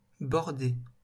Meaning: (adjective) bordered; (verb) past participle of border
- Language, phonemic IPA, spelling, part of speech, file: French, /bɔʁ.de/, bordé, adjective / verb, LL-Q150 (fra)-bordé.wav